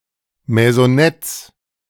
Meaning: plural of Maisonette
- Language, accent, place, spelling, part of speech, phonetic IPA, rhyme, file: German, Germany, Berlin, Maisonettes, noun, [mɛzɔˈnɛt͡s], -ɛt͡s, De-Maisonettes.ogg